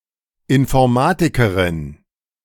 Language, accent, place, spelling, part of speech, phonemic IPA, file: German, Germany, Berlin, Informatikerin, noun, /ɪnfɔʁˈmaːtɪkəʁɪn/, De-Informatikerin.ogg
- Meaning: female equivalent of Informatiker